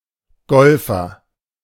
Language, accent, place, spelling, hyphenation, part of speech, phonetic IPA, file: German, Germany, Berlin, Golfer, Gol‧fer, noun, [ˈɡɔlfɐ], De-Golfer.ogg
- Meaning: golfer